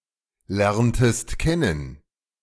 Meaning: inflection of kennen lernen: 1. second-person singular preterite 2. second-person singular subjunctive II
- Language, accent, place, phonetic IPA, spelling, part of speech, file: German, Germany, Berlin, [ˌlɛʁntəst ˈkɛnən], lerntest kennen, verb, De-lerntest kennen.ogg